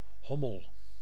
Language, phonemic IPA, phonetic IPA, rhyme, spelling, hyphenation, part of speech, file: Dutch, /ˈɦɔ.məl/, [ˈɦɔ.məɫ], -ɔməl, hommel, hom‧mel, noun, Nl-hommel.ogg
- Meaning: 1. bumblebee (bee of the genus Bombus) 2. drone (male bee)